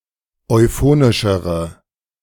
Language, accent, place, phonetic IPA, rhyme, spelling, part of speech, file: German, Germany, Berlin, [ɔɪ̯ˈfoːnɪʃəʁə], -oːnɪʃəʁə, euphonischere, adjective, De-euphonischere.ogg
- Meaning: inflection of euphonisch: 1. strong/mixed nominative/accusative feminine singular comparative degree 2. strong nominative/accusative plural comparative degree